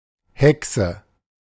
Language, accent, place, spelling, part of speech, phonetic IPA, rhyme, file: German, Germany, Berlin, Häckse, noun, [ˈhɛksə], -ɛksə, De-Häckse.ogg
- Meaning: alternative spelling of Haeckse